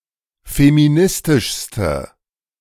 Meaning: inflection of feministisch: 1. strong/mixed nominative/accusative feminine singular superlative degree 2. strong nominative/accusative plural superlative degree
- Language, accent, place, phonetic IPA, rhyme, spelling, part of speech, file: German, Germany, Berlin, [femiˈnɪstɪʃstə], -ɪstɪʃstə, feministischste, adjective, De-feministischste.ogg